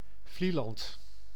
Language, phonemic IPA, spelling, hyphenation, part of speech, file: Dutch, /ˈvli.lɑnt/, Vlieland, Vlie‧land, proper noun, Nl-Vlieland.ogg
- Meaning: 1. Vlieland (an island and municipality of Friesland, Netherlands) 2. a hamlet in Pijnacker-Nootdorp, South Holland, Netherlands